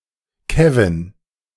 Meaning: a male given name
- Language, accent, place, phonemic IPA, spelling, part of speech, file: German, Germany, Berlin, /ˈkɛ.vɪn/, Kevin, proper noun, De-Kevin.ogg